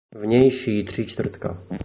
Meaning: outside centre
- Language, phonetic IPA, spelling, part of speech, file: Czech, [vɲɛjʃiː tr̝̊iːt͡ʃtvr̩tka], vnější tříčtvrtka, phrase, Cs-vnější tříčtvrtka.oga